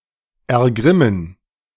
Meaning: 1. to become incensed, become furious 2. to anger, to make wroth
- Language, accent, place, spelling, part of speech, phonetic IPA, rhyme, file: German, Germany, Berlin, ergrimmen, verb, [ɛɐ̯ˈɡʁɪmən], -ɪmən, De-ergrimmen.ogg